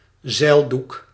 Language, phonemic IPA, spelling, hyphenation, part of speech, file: Dutch, /ˈzɛi̯l.duk/, zeildoek, zeil‧doek, noun, Nl-zeildoek.ogg
- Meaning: sail, canvas, rag